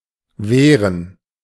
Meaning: 1. to defend oneself 2. to prevent the spread of something, to fight 3. to deny, to prevent someone from doing something
- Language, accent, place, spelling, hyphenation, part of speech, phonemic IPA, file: German, Germany, Berlin, wehren, weh‧ren, verb, /ˈveːʁən/, De-wehren.ogg